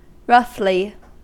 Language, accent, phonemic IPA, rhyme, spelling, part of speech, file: English, US, /ˈɹʌf.li/, -ʌfli, roughly, adverb, En-us-roughly.ogg
- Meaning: 1. In a rough manner; without kindness, softness, or gentleness 2. Unevenly or irregularly 3. Without precision or exactness; imprecisely but close to in quantity or amount; approximately